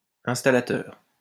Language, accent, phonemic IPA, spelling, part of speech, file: French, France, /ɛ̃s.ta.la.tœʁ/, installateur, noun, LL-Q150 (fra)-installateur.wav
- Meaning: 1. installer (a person who installs) 2. installer (a program that installs software in a computer and prepares it for use)